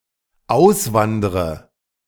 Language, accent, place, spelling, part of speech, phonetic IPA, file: German, Germany, Berlin, auswandre, verb, [ˈaʊ̯sˌvandʁə], De-auswandre.ogg
- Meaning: inflection of auswandern: 1. first-person singular dependent present 2. first/third-person singular dependent subjunctive I